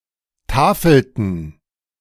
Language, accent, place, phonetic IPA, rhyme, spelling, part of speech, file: German, Germany, Berlin, [ˈtaːfl̩tn̩], -aːfl̩tn̩, tafelten, verb, De-tafelten.ogg
- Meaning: inflection of tafeln: 1. first/third-person plural preterite 2. first/third-person plural subjunctive II